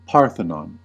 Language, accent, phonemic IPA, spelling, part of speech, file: English, US, /ˈpɑːɹθənɑːn/, Parthenon, proper noun, En-us-Parthenon.ogg
- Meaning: An ancient temple to Athena and monument in the city of Athens. It is a symbol of Greek achievement in the arts and of Athenian democracy